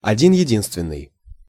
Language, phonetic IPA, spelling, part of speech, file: Russian, [ɐˌdʲin (j)ɪˈdʲinstvʲɪn(ː)ɨj], один-единственный, adjective, Ru-один-единственный.ogg
- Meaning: one and only, sole